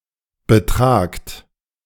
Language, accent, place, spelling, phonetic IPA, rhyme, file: German, Germany, Berlin, betragt, [bəˈtʁaːkt], -aːkt, De-betragt.ogg
- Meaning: inflection of betragen: 1. second-person plural present 2. plural imperative